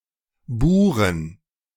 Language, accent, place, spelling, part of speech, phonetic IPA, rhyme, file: German, Germany, Berlin, Buren, noun, [ˈbuːʁən], -uːʁən, De-Buren.ogg
- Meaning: inflection of Bure: 1. genitive/dative/accusative singular 2. nominative/genitive/dative/accusative plural